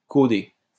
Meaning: feminine singular of caudé
- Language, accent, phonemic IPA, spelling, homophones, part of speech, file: French, France, /ko.de/, caudée, caudé / caudées / caudés, adjective, LL-Q150 (fra)-caudée.wav